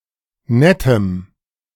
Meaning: strong dative masculine/neuter singular of nett
- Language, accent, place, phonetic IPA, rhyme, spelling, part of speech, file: German, Germany, Berlin, [ˈnɛtəm], -ɛtəm, nettem, adjective, De-nettem.ogg